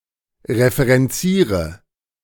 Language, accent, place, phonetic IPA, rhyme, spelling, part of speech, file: German, Germany, Berlin, [ʁefəʁɛnˈt͡siːʁə], -iːʁə, referenziere, verb, De-referenziere.ogg
- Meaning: inflection of referenzieren: 1. first-person singular present 2. first/third-person singular subjunctive I 3. singular imperative